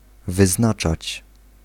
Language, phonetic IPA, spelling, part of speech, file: Polish, [vɨˈznat͡ʃat͡ɕ], wyznaczać, verb, Pl-wyznaczać.ogg